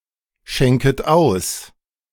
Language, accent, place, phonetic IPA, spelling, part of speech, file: German, Germany, Berlin, [ˌʃɛŋkət ˈaʊ̯s], schenket aus, verb, De-schenket aus.ogg
- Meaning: second-person plural subjunctive I of ausschenken